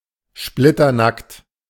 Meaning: stark naked, starkers, butt-naked (completely nude)
- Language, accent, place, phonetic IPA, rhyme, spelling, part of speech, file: German, Germany, Berlin, [ˈʃplɪtɐˌnakt], -akt, splitternackt, adjective, De-splitternackt.ogg